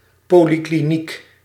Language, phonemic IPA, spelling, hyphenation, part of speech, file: Dutch, /ˈpoː.li.kliˌnik/, polikliniek, po‧li‧kli‧niek, noun, Nl-polikliniek.ogg
- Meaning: an outpatient clinic